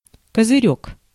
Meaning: 1. peak, visor 2. canopy, awning
- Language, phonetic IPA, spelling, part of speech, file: Russian, [kəzɨˈrʲɵk], козырёк, noun, Ru-козырёк.ogg